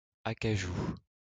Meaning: 1. cashew tree; also, its fruit 2. mahogany tree; also, its timber
- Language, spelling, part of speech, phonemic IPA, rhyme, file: French, acajou, noun, /a.ka.ʒu/, -u, LL-Q150 (fra)-acajou.wav